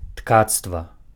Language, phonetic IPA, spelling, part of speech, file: Belarusian, [ˈtkat͡stva], ткацтва, noun, Be-ткацтва.ogg
- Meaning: weaving